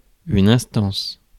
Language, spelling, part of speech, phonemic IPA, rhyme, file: French, instance, noun, /ɛ̃s.tɑ̃s/, -ɑ̃s, Fr-instance.ogg
- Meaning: 1. urgent demand, insistence, plea 2. authority, forum, agency, body 3. legal proceedings, prosecution process 4. instance